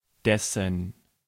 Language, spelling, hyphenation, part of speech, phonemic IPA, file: German, dessen, des‧sen, pronoun, /ˈdɛsən/, De-dessen.ogg
- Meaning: genitive masculine/neuter singular of der: 1. whose, of which 2. his, its, the latter's